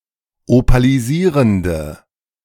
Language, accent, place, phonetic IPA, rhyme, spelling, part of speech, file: German, Germany, Berlin, [opaliˈziːʁəndə], -iːʁəndə, opalisierende, adjective, De-opalisierende.ogg
- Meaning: inflection of opalisierend: 1. strong/mixed nominative/accusative feminine singular 2. strong nominative/accusative plural 3. weak nominative all-gender singular